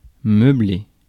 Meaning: 1. to furnish 2. to break the silence
- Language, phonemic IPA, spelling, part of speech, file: French, /mœ.ble/, meubler, verb, Fr-meubler.ogg